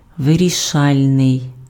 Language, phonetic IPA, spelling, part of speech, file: Ukrainian, [ʋerʲiˈʃalʲnei̯], вирішальний, adjective, Uk-вирішальний.ogg
- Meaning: decisive, crucial, determining, determinant